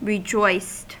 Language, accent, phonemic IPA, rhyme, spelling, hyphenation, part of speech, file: English, US, /ɹɪˈd͡ʒɔɪst/, -ɔɪst, rejoiced, re‧joiced, verb / adjective, En-us-rejoiced.ogg
- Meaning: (verb) simple past and past participle of rejoice; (adjective) Joyful, delighted